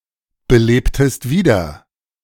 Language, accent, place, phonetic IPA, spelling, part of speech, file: German, Germany, Berlin, [bəˌleːptəst ˈviːdɐ], belebtest wieder, verb, De-belebtest wieder.ogg
- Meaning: inflection of wiederbeleben: 1. second-person singular preterite 2. second-person singular subjunctive II